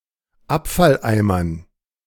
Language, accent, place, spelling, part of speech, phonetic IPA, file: German, Germany, Berlin, Abfalleimern, noun, [ˈapfalˌʔaɪ̯mɐn], De-Abfalleimern.ogg
- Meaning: dative plural of Abfalleimer